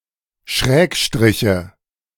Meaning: nominative/accusative/genitive plural of Schrägstrich
- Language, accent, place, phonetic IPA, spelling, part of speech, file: German, Germany, Berlin, [ˈʃʁɛːkˌʃtʁɪçə], Schrägstriche, noun, De-Schrägstriche.ogg